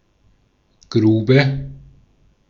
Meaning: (noun) 1. pit, excavation (man- or animal-made hole in the ground) 2. mine; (proper noun) a municipality of Schleswig-Holstein, Germany
- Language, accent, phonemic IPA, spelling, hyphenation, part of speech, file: German, Austria, /ˈɡʁuːbə/, Grube, Gru‧be, noun / proper noun, De-at-Grube.ogg